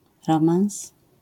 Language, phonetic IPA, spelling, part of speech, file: Polish, [ˈrɔ̃mãw̃s], romans, noun, LL-Q809 (pol)-romans.wav